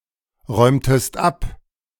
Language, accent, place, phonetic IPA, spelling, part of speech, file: German, Germany, Berlin, [ˌʁɔɪ̯mtəst ˈap], räumtest ab, verb, De-räumtest ab.ogg
- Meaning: inflection of abräumen: 1. second-person singular preterite 2. second-person singular subjunctive II